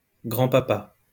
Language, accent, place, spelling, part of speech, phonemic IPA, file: French, France, Lyon, grand-papa, noun, /ɡʁɑ̃.pa.pa/, LL-Q150 (fra)-grand-papa.wav
- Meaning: gramps; grandpa